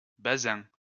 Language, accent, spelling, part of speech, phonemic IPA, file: French, France, basin, noun, /ba.zɛ̃/, LL-Q150 (fra)-basin.wav
- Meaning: bombasine